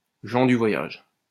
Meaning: travellers, gypsies
- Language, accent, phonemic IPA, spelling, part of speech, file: French, France, /ʒɑ̃ dy vwa.jaʒ/, gens du voyage, noun, LL-Q150 (fra)-gens du voyage.wav